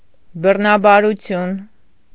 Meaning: rape
- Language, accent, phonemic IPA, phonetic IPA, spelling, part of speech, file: Armenian, Eastern Armenian, /bərnɑbɑɾuˈtʰjun/, [bərnɑbɑɾut͡sʰjún], բռնաբարություն, noun, Hy-բռնաբարություն.ogg